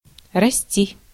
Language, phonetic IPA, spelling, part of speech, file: Russian, [rɐˈsʲtʲi], расти, verb, Ru-расти.ogg
- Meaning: 1. to grow, to increase 2. second-person singular imperative imperfective of расти́ть (rastítʹ)